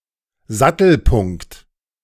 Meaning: saddle point
- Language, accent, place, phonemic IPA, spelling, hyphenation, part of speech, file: German, Germany, Berlin, /ˈzatl̩ˌpʊŋkt/, Sattelpunkt, Sat‧tel‧punkt, noun, De-Sattelpunkt.ogg